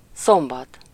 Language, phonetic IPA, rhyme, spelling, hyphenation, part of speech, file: Hungarian, [ˈsombɒt], -ɒt, szombat, szom‧bat, noun, Hu-szombat.ogg
- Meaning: 1. Saturday 2. Sabbath